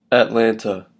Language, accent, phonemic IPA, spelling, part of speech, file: English, US, /ætˈlæntə/, Atlanta, proper noun, En-us-Atlanta.oga
- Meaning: 1. The capital and largest city of Georgia, United States and the county seat of Fulton County, Georgia 2. A community in Kings County, Nova Scotia, Canada